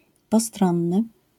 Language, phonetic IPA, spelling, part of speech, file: Polish, [pɔˈstrɔ̃nːɨ], postronny, adjective, LL-Q809 (pol)-postronny.wav